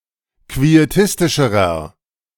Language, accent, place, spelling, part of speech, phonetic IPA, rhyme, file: German, Germany, Berlin, quietistischerer, adjective, [kvieˈtɪstɪʃəʁɐ], -ɪstɪʃəʁɐ, De-quietistischerer.ogg
- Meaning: inflection of quietistisch: 1. strong/mixed nominative masculine singular comparative degree 2. strong genitive/dative feminine singular comparative degree 3. strong genitive plural comparative degree